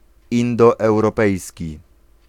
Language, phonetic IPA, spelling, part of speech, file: Polish, [ˌĩndɔɛwrɔˈpɛjsʲci], indoeuropejski, adjective, Pl-indoeuropejski.ogg